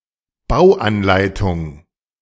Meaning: construction manual
- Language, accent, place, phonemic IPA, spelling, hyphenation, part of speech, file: German, Germany, Berlin, /ˈbaʊ̯ʔanˌlaɪ̯tʊŋ/, Bauanleitung, Bau‧an‧lei‧tung, noun, De-Bauanleitung.ogg